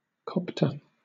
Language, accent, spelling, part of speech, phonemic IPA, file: English, Southern England, copter, noun / verb, /ˈkɒptə/, LL-Q1860 (eng)-copter.wav
- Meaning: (noun) A helicopter; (verb) 1. To helicopter: to transport by helicopter 2. To helicopter: to travel by helicopter 3. To move like a helicopter